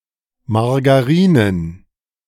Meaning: plural of Margarine
- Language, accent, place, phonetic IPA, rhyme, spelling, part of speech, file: German, Germany, Berlin, [maʁɡaˈʁiːnən], -iːnən, Margarinen, noun, De-Margarinen.ogg